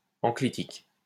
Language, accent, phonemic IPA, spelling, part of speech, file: French, France, /ɑ̃.kli.tik/, enclitique, adjective / noun, LL-Q150 (fra)-enclitique.wav
- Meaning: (adjective) enclitic (referring to a clitic which joins with the preceding word); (noun) enclitic (clitic which joins with the preceding word)